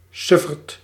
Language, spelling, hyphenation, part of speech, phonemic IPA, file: Dutch, sufferd, suf‧ferd, noun, /ˈsʏ.fərt/, Nl-sufferd.ogg
- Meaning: 1. fool, idiot 2. a local or regional newspaper 3. dotard, person with mental impairments